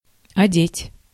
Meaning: 1. to dress, to clothe 2. to provide clothes 3. to cover 4. to put on (clothing, equipment)
- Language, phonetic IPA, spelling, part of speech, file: Russian, [ɐˈdʲetʲ], одеть, verb, Ru-одеть.ogg